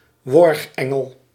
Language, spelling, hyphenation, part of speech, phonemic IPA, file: Dutch, worgengel, worg‧en‧gel, noun, /ˈʋɔrxˌɛ.ŋəl/, Nl-worgengel.ogg
- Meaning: angel of death